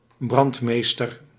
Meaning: 1. fire captain (of a fire brigade) 2. fire chief, fire commissioner (of a fire brigade) 3. official who supervises the use of burned plots of forest
- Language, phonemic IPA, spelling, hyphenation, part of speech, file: Dutch, /ˈbrɑntˌmeːstər/, brandmeester, brand‧mees‧ter, noun, Nl-brandmeester.ogg